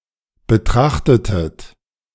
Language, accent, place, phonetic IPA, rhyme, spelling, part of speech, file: German, Germany, Berlin, [bəˈtʁaxtətət], -axtətət, betrachtetet, verb, De-betrachtetet.ogg
- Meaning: inflection of betrachten: 1. second-person plural preterite 2. second-person plural subjunctive II